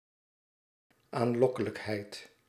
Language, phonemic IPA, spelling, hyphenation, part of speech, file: Dutch, /aːnˈlɔkələkˌɦɛi̯t/, aanlokkelijkheid, aan‧lok‧ke‧lijk‧heid, noun, Nl-aanlokkelijkheid.ogg
- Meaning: alluringness, charm